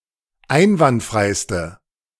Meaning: inflection of einwandfrei: 1. strong/mixed nominative/accusative feminine singular superlative degree 2. strong nominative/accusative plural superlative degree
- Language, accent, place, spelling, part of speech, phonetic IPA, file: German, Germany, Berlin, einwandfreiste, adjective, [ˈaɪ̯nvantˌfʁaɪ̯stə], De-einwandfreiste.ogg